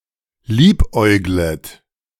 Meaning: second-person plural subjunctive I of liebäugeln
- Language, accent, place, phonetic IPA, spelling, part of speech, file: German, Germany, Berlin, [ˈliːpˌʔɔɪ̯ɡlət], liebäuglet, verb, De-liebäuglet.ogg